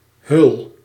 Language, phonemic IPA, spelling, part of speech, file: Dutch, /hʏl/, hul, noun / verb, Nl-hul.ogg
- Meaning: inflection of hullen: 1. first-person singular present indicative 2. second-person singular present indicative 3. imperative